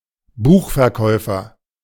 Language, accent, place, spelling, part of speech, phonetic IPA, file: German, Germany, Berlin, Buchverkäufer, noun, [ˈbuːxfɛɐ̯ˌkɔɪ̯fɐ], De-Buchverkäufer.ogg
- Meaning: bookseller